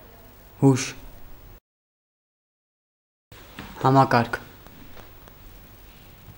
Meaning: system
- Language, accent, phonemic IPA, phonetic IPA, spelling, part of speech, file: Armenian, Eastern Armenian, /hɑmɑˈkɑɾkʰ/, [hɑmɑkɑ́ɾkʰ], համակարգ, noun, Hy-համակարգ.ogg